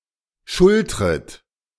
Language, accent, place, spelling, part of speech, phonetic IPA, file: German, Germany, Berlin, schultret, verb, [ˈʃʊltʁət], De-schultret.ogg
- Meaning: second-person plural subjunctive I of schultern